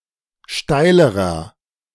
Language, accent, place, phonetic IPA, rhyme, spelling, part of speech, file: German, Germany, Berlin, [ˈʃtaɪ̯ləʁɐ], -aɪ̯ləʁɐ, steilerer, adjective, De-steilerer.ogg
- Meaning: inflection of steil: 1. strong/mixed nominative masculine singular comparative degree 2. strong genitive/dative feminine singular comparative degree 3. strong genitive plural comparative degree